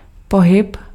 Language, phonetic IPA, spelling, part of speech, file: Czech, [ˈpoɦɪp], pohyb, noun, Cs-pohyb.ogg
- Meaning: motion, movement